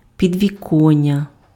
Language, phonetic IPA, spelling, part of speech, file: Ukrainian, [pʲidʲʋʲiˈkɔnʲːɐ], підвіконня, noun, Uk-підвіконня.ogg
- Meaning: windowsill